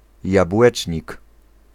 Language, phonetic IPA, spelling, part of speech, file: Polish, [jabˈwɛt͡ʃʲɲik], jabłecznik, noun, Pl-jabłecznik.ogg